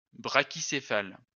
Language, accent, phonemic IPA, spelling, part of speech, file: French, France, /bʁa.ki.se.fal/, brachycéphale, noun / adjective, LL-Q150 (fra)-brachycéphale.wav
- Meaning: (noun) brachycephalic